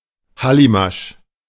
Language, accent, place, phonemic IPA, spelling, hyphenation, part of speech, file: German, Germany, Berlin, /ˈhalimaʃ/, Hallimasch, Hal‧li‧masch, noun, De-Hallimasch.ogg
- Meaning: honey fungus, armillaria